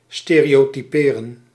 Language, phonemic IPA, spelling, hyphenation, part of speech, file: Dutch, /ˌsteː.reː.oː.tiˈpeː.rə(n)/, stereotyperen, ste‧reo‧ty‧pe‧ren, verb, Nl-stereotyperen.ogg
- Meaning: 1. to stereotype 2. to print from a stereotype